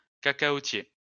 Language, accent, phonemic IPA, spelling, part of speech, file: French, France, /ka.ka.o.tje/, cacaotier, noun, LL-Q150 (fra)-cacaotier.wav
- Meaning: cacao (tree)